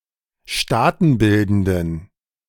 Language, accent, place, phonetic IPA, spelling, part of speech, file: German, Germany, Berlin, [ˈʃtaːtn̩ˌbɪldn̩dən], staatenbildenden, adjective, De-staatenbildenden.ogg
- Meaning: inflection of staatenbildend: 1. strong genitive masculine/neuter singular 2. weak/mixed genitive/dative all-gender singular 3. strong/weak/mixed accusative masculine singular 4. strong dative plural